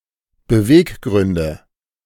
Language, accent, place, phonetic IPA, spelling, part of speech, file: German, Germany, Berlin, [bəˈveːkˌɡʁʏndə], Beweggründe, noun, De-Beweggründe.ogg
- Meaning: nominative/accusative/genitive plural of Beweggrund